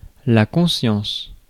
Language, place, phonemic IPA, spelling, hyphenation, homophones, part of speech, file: French, Paris, /kɔ̃.sjɑ̃s/, conscience, con‧science, consciences, noun, Fr-conscience.ogg
- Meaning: 1. conscience 2. consciousness